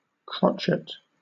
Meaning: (noun) 1. A musical note one beat long in 4/4 time 2. A sharp curve or crook; a shape resembling a hook 3. A hook-shaped instrument, especially as used in obstetric surgery 4. A whim or a fancy
- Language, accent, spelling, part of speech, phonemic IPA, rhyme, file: English, Southern England, crotchet, noun / verb, /ˈkɹɒtʃ.ɪt/, -ɒtʃɪt, LL-Q1860 (eng)-crotchet.wav